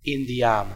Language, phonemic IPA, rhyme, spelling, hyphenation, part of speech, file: Dutch, /ˌɪn.diˈaːn/, -aːn, indiaan, in‧di‧aan, noun, Nl-indiaan.ogg
- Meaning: Native American, Indian, First Nations person